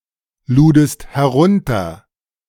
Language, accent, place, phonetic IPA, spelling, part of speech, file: German, Germany, Berlin, [ˌluːdəst hɛˈʁʊntɐ], ludest herunter, verb, De-ludest herunter.ogg
- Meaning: second-person singular preterite of herunterladen